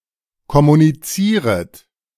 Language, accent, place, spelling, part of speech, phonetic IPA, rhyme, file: German, Germany, Berlin, kommunizieret, verb, [kɔmuniˈt͡siːʁət], -iːʁət, De-kommunizieret.ogg
- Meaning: second-person plural subjunctive I of kommunizieren